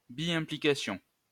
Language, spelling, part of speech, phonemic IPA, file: French, implication, noun, /ɛ̃.pli.ka.sjɔ̃/, LL-Q150 (fra)-implication.wav
- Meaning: 1. involvement 2. implication